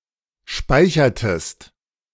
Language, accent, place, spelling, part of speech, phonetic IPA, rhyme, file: German, Germany, Berlin, speichertest, verb, [ˈʃpaɪ̯çɐtəst], -aɪ̯çɐtəst, De-speichertest.ogg
- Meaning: inflection of speichern: 1. second-person singular preterite 2. second-person singular subjunctive II